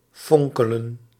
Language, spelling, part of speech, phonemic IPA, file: Dutch, fonkelen, verb, /ˈfɔŋkələ(n)/, Nl-fonkelen.ogg
- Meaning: to twinkle, sparkle